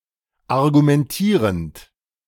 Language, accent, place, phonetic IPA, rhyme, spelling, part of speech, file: German, Germany, Berlin, [aʁɡumɛnˈtiːʁənt], -iːʁənt, argumentierend, verb, De-argumentierend.ogg
- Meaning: present participle of argumentieren